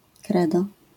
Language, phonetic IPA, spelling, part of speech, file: Polish, [ˈkrɛdɔ], credo, noun, LL-Q809 (pol)-credo.wav